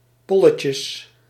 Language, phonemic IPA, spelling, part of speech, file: Dutch, /ˈpɔləcəs/, polletjes, noun, Nl-polletjes.ogg
- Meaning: plural of polletje